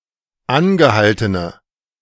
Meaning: inflection of angehalten: 1. strong/mixed nominative/accusative feminine singular 2. strong nominative/accusative plural 3. weak nominative all-gender singular
- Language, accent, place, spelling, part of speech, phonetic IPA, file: German, Germany, Berlin, angehaltene, adjective, [ˈanɡəˌhaltənə], De-angehaltene.ogg